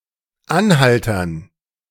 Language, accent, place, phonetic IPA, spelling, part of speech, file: German, Germany, Berlin, [ˈanˌhaltɐn], Anhaltern, noun, De-Anhaltern.ogg
- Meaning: dative plural of Anhalter